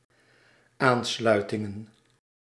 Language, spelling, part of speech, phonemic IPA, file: Dutch, aansluitingen, noun, /ˈanslœytɪŋə(n)/, Nl-aansluitingen.ogg
- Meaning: plural of aansluiting